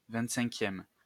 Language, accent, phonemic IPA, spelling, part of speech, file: French, France, /vɛ̃t.sɛ̃.kjɛm/, vingt-cinquième, adjective / noun, LL-Q150 (fra)-vingt-cinquième.wav
- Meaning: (adjective) twenty-fifth